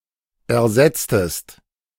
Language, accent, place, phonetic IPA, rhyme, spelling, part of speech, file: German, Germany, Berlin, [ɛɐ̯ˈzɛt͡stəst], -ɛt͡stəst, ersetztest, verb, De-ersetztest.ogg
- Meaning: inflection of ersetzen: 1. second-person singular preterite 2. second-person singular subjunctive II